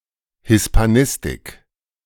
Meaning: Hispanic studies, Spanish studies, Hispanistics
- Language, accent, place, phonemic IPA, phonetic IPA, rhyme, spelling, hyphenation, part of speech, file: German, Germany, Berlin, /hɪspaˈnɪstɪk/, [hɪspaˈnɪstɪkʰ], -ɪstɪk, Hispanistik, His‧pa‧nis‧tik, noun, De-Hispanistik.ogg